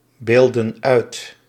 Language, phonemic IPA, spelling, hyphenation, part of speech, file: Dutch, /ˌbeːl.dən ˈœy̯t/, beelden uit, beel‧den uit, verb, Nl-beelden uit.ogg
- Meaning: inflection of uitbeelden: 1. plural present indicative 2. plural present subjunctive